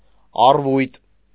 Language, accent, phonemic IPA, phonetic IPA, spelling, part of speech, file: Armenian, Eastern Armenian, /ɑrˈvujt/, [ɑrvújt], առվույտ, noun, Hy-առվույտ.ogg
- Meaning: alfalfa, lucerne, Medicago sativa